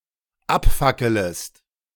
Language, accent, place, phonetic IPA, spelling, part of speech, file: German, Germany, Berlin, [ˈapˌfakələst], abfackelest, verb, De-abfackelest.ogg
- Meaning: second-person singular dependent subjunctive I of abfackeln